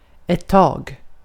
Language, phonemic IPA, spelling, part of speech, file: Swedish, /tɑːɡ/, tag, noun / verb, Sv-tag.ogg
- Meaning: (noun) 1. a grip, a hold (of something) 2. to get down to dealing with (something) 3. a stroke (with oars or an oar, a paddle, or the like; in swimming) 4. a while (limited, often short time period)